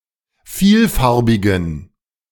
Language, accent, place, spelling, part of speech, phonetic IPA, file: German, Germany, Berlin, vielfarbigen, adjective, [ˈfiːlˌfaʁbɪɡn̩], De-vielfarbigen.ogg
- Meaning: inflection of vielfarbig: 1. strong genitive masculine/neuter singular 2. weak/mixed genitive/dative all-gender singular 3. strong/weak/mixed accusative masculine singular 4. strong dative plural